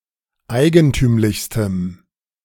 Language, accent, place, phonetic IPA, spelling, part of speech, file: German, Germany, Berlin, [ˈaɪ̯ɡənˌtyːmlɪçstəm], eigentümlichstem, adjective, De-eigentümlichstem.ogg
- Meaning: strong dative masculine/neuter singular superlative degree of eigentümlich